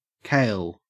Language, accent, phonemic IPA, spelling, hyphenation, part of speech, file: English, Australia, /kæɪl/, kale, kale, noun, En-au-kale.ogg
- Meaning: An edible plant, similar to cabbage, with curled leaves that do not form a dense head (Brassica oleracea var. acephala)